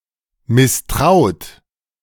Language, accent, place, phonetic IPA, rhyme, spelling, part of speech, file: German, Germany, Berlin, [mɪsˈtʁaʊ̯t], -aʊ̯t, misstraut, verb, De-misstraut.ogg
- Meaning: 1. past participle of misstrauen 2. inflection of misstrauen: second-person plural present 3. inflection of misstrauen: third-person singular present 4. inflection of misstrauen: plural imperative